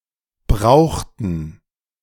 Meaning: inflection of brauchen: 1. first/third-person plural preterite 2. first/third-person plural subjunctive II
- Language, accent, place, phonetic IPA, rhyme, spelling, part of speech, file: German, Germany, Berlin, [ˈbʁaʊ̯xtn̩], -aʊ̯xtn̩, brauchten, verb, De-brauchten.ogg